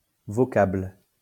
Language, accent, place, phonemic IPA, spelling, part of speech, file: French, France, Lyon, /vɔ.kabl/, vocable, noun, LL-Q150 (fra)-vocable.wav
- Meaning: term